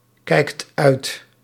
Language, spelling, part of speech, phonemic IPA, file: Dutch, kijkt uit, verb, /ˈkɛikt ˈœyt/, Nl-kijkt uit.ogg
- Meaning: inflection of uitkijken: 1. second/third-person singular present indicative 2. plural imperative